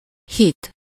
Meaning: 1. faith, belief 2. oath, word of honour (e.g. in hitves and hitet tesz)
- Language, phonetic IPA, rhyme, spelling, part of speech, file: Hungarian, [ˈhit], -it, hit, noun, Hu-hit.ogg